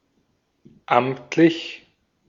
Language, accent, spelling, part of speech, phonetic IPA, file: German, Austria, amtlich, adjective, [ˈʔam(p)t.lɪç], De-at-amtlich.ogg
- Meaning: official; ministerial (of or by a state or regional authority)